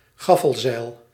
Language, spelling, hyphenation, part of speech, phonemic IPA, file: Dutch, gaffelzeil, gaf‧fel‧zeil, noun, /ˈɣɑ.fəlˌzɛi̯l/, Nl-gaffelzeil.ogg
- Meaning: gaffsail (trapezoid topsail fixed to a gaff)